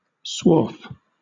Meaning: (noun) 1. The waste chips or shavings from an abrasive activity, such as metalworking, a saw cutting wood, or the use of a grindstone or whetstone 2. A particular waste chip or shaving
- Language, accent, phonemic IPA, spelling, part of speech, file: English, Southern England, /swɔːf/, swarf, noun / verb, LL-Q1860 (eng)-swarf.wav